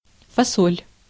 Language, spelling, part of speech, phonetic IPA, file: Russian, фасоль, noun, [fɐˈsolʲ], Ru-фасоль.ogg
- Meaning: beans